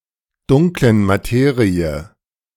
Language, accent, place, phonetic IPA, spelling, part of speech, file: German, Germany, Berlin, [ˌdʊŋklən maˈteːʁiə], Dunklen Materie, noun, De-Dunklen Materie.ogg
- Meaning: weak/mixed genitive/dative singular of Dunkle Materie